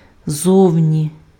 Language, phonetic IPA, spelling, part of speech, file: Ukrainian, [ˈzɔu̯nʲi], зовні, adverb, Uk-зовні.ogg
- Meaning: 1. outside 2. on the outside, outwardly